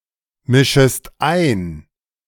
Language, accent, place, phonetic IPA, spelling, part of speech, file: German, Germany, Berlin, [ˌmɪʃəst ˈaɪ̯n], mischest ein, verb, De-mischest ein.ogg
- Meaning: second-person singular subjunctive I of einmischen